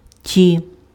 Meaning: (determiner) inflection of той (toj): 1. nominative/vocative plural 2. inanimate accusative plural; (pronoun) alternative form of тобі́ (tobí): short dative of ти sg (ty, “you”)
- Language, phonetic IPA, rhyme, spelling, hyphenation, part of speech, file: Ukrainian, [tʲi], -i, ті, ті, determiner / pronoun, Uk-ті.ogg